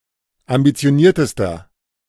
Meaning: inflection of ambitioniert: 1. strong/mixed nominative masculine singular superlative degree 2. strong genitive/dative feminine singular superlative degree 3. strong genitive plural superlative degree
- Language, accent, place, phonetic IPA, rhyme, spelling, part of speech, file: German, Germany, Berlin, [ambit͡si̯oˈniːɐ̯təstɐ], -iːɐ̯təstɐ, ambitioniertester, adjective, De-ambitioniertester.ogg